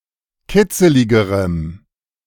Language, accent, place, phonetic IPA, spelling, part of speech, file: German, Germany, Berlin, [ˈkɪt͡səlɪɡəʁəm], kitzeligerem, adjective, De-kitzeligerem.ogg
- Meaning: strong dative masculine/neuter singular comparative degree of kitzelig